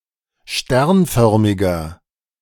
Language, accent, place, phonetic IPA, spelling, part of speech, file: German, Germany, Berlin, [ˈʃtɛʁnˌfœʁmɪɡɐ], sternförmiger, adjective, De-sternförmiger.ogg
- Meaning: inflection of sternförmig: 1. strong/mixed nominative masculine singular 2. strong genitive/dative feminine singular 3. strong genitive plural